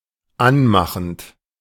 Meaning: present participle of anmachen
- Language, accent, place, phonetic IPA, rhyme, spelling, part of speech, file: German, Germany, Berlin, [ˈanˌmaxn̩t], -anmaxn̩t, anmachend, verb, De-anmachend.ogg